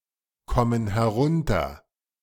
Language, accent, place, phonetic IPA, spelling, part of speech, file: German, Germany, Berlin, [ˌkɔmən hɛˈʁʊntɐ], kommen herunter, verb, De-kommen herunter.ogg
- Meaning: inflection of herunterkommen: 1. first/third-person plural present 2. first/third-person plural subjunctive I